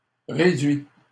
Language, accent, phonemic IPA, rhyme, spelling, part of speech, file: French, Canada, /ʁe.dɥi/, -ɥi, réduit, verb / noun, LL-Q150 (fra)-réduit.wav
- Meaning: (verb) 1. past participle of réduire 2. third-person singular present indicative of réduire; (noun) 1. a cubbyhole 2. a recess, a nook